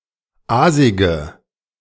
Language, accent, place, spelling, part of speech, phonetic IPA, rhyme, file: German, Germany, Berlin, aasige, adjective, [ˈaːzɪɡə], -aːzɪɡə, De-aasige.ogg
- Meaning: inflection of aasig: 1. strong/mixed nominative/accusative feminine singular 2. strong nominative/accusative plural 3. weak nominative all-gender singular 4. weak accusative feminine/neuter singular